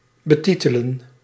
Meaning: 1. to title, to name 2. to caption
- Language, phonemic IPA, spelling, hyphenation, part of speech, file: Dutch, /bəˈtitələ(n)/, betitelen, be‧ti‧te‧len, verb, Nl-betitelen.ogg